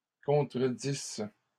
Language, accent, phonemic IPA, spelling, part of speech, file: French, Canada, /kɔ̃.tʁə.dis/, contredisse, verb, LL-Q150 (fra)-contredisse.wav
- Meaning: first-person singular imperfect subjunctive of contredire